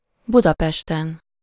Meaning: superessive singular of Budapest
- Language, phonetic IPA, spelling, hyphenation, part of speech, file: Hungarian, [ˈbudɒpɛʃtɛn], Budapesten, Bu‧da‧pes‧ten, proper noun, Hu-Budapesten.ogg